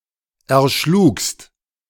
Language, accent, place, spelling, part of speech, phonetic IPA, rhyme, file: German, Germany, Berlin, erschlugst, verb, [ɛɐ̯ˈʃluːkst], -uːkst, De-erschlugst.ogg
- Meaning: second-person singular preterite of erschlagen